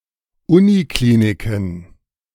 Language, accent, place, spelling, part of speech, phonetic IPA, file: German, Germany, Berlin, Unikliniken, noun, [ˈʊniˌkliːnikn̩], De-Unikliniken.ogg
- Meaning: plural of Uniklinik